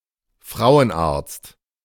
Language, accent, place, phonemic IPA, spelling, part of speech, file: German, Germany, Berlin, /ˈfʁaʊənˌaʁtst/, Frauenarzt, noun, De-Frauenarzt.ogg
- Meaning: gynaecologist (UK), OB-GYN (US)